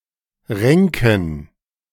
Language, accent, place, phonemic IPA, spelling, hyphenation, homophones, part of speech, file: German, Germany, Berlin, /ˈʁɛŋkən/, renken, ren‧ken, Ränken / Renken, verb, De-renken.ogg
- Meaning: to twist, to turn